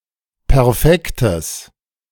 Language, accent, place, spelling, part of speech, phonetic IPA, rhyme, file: German, Germany, Berlin, perfektes, adjective, [pɛʁˈfɛktəs], -ɛktəs, De-perfektes.ogg
- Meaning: strong/mixed nominative/accusative neuter singular of perfekt